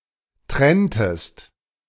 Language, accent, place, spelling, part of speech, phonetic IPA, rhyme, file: German, Germany, Berlin, trenntest, verb, [ˈtʁɛntəst], -ɛntəst, De-trenntest.ogg
- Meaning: inflection of trennen: 1. second-person singular preterite 2. second-person singular subjunctive II